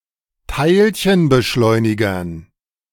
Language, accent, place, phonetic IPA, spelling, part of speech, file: German, Germany, Berlin, [ˈtaɪ̯lçənbəˌʃlɔɪ̯nɪɡɐn], Teilchenbeschleunigern, noun, De-Teilchenbeschleunigern.ogg
- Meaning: dative plural of Teilchenbeschleuniger